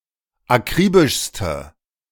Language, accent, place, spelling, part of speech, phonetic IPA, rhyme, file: German, Germany, Berlin, akribischste, adjective, [aˈkʁiːbɪʃstə], -iːbɪʃstə, De-akribischste.ogg
- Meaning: inflection of akribisch: 1. strong/mixed nominative/accusative feminine singular superlative degree 2. strong nominative/accusative plural superlative degree